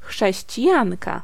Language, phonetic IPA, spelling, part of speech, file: Polish, [ˌxʃɛɕt͡ɕiˈjãnka], chrześcijanka, noun, Pl-chrześcijanka.ogg